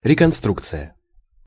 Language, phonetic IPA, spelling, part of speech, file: Russian, [rʲɪkɐnˈstrukt͡sɨjə], реконструкция, noun, Ru-реконструкция.ogg
- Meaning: reconstruction (act of restoring)